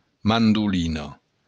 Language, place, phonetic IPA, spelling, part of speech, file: Occitan, Béarn, [ˈmanduliˈnɔ], mandolina, noun, LL-Q14185 (oci)-mandolina.wav
- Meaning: mandolin (musical instrument)